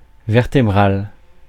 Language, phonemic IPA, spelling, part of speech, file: French, /vɛʁ.te.bʁal/, vertébrale, adjective, Fr-vertébrale.ogg
- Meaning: feminine singular of vertébral